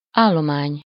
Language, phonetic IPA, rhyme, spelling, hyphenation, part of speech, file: Hungarian, [ˈaːlːomaːɲ], -aːɲ, állomány, ál‧lo‧mány, noun, Hu-állomány.ogg
- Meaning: 1. stock (a store or supply) 2. stock (farm or ranch animals) 3. substance, matter 4. staff 5. file